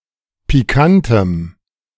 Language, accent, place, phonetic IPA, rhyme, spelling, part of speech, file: German, Germany, Berlin, [piˈkantəm], -antəm, pikantem, adjective, De-pikantem.ogg
- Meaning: strong dative masculine/neuter singular of pikant